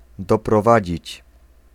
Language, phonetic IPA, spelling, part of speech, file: Polish, [ˌdɔprɔˈvad͡ʑit͡ɕ], doprowadzić, verb, Pl-doprowadzić.ogg